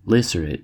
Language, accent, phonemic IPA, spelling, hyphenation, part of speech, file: English, US, /ˈlæ.sɚ.ɛɪt/, lacerate, lac‧er‧ate, verb, En-us-lacerate.ogg
- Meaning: 1. To tear, rip or wound 2. To defeat thoroughly; to thrash